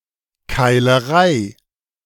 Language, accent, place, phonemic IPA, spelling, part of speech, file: German, Germany, Berlin, /kaɪ̯ləˈʁaɪ̯/, Keilerei, noun, De-Keilerei.ogg
- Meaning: brawl; beating; melee